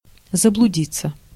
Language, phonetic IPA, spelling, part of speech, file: Russian, [zəbɫʊˈdʲit͡sːə], заблудиться, verb, Ru-заблудиться.ogg
- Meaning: to lose one's way, to go astray, to get lost